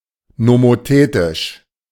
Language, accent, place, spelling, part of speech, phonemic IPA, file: German, Germany, Berlin, nomothetisch, adjective, /nomoˈteːtɪʃ/, De-nomothetisch.ogg
- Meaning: nomothetic